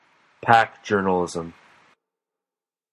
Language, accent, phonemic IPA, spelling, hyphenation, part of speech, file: English, General American, /ˈpæk ˈdʒɝnl̩ˌɪzəm/, pack journalism, pack jour‧nal‧i‧sm, noun, En-us-pack journalism.flac
- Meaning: A tendency of reporting to become homogeneous due to the reporters' habit of relying on one another for news tips, or being dependent on a single source for information